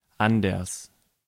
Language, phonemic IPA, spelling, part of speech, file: German, /ˈandɐs/, anders, adverb, De-anders.ogg
- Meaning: 1. different, differently 2. else 3. otherwise